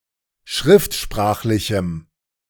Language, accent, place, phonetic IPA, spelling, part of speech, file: German, Germany, Berlin, [ˈʃʁɪftˌʃpʁaːxlɪçm̩], schriftsprachlichem, adjective, De-schriftsprachlichem.ogg
- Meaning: strong dative masculine/neuter singular of schriftsprachlich